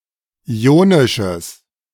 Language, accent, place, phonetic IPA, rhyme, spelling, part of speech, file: German, Germany, Berlin, [ˌiːˈoːnɪʃəs], -oːnɪʃəs, ionisches, adjective, De-ionisches.ogg
- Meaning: strong/mixed nominative/accusative neuter singular of ionisch